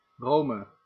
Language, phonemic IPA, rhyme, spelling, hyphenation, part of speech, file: Dutch, /ˈroː.mə/, -oːmə, Rome, Ro‧me, proper noun, Nl-Rome.ogg
- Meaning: 1. Rome (a major city, the capital of Italy and the Italian region of Lazio, located on the Tiber River; the ancient capital of the Roman Empire) 2. Rome (a metropolitan city of Lazio, Italy)